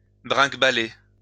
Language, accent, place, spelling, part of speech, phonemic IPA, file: French, France, Lyon, bringuebaler, verb, /bʁɛ̃ɡ.ba.le/, LL-Q150 (fra)-bringuebaler.wav
- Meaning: 1. to sound, ring, chime, ding 2. to ring, sound, chime 3. to rattle 4. to rattle along, rattle about (move, making a rattling or jolting sound)